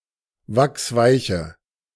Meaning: inflection of wachsweich: 1. strong/mixed nominative/accusative feminine singular 2. strong nominative/accusative plural 3. weak nominative all-gender singular
- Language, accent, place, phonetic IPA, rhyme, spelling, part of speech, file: German, Germany, Berlin, [ˈvaksˈvaɪ̯çə], -aɪ̯çə, wachsweiche, adjective, De-wachsweiche.ogg